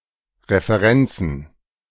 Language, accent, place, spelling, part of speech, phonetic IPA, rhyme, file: German, Germany, Berlin, Referenzen, noun, [ʁefəˈʁɛnt͡sn̩], -ɛnt͡sn̩, De-Referenzen.ogg
- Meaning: plural of Referenz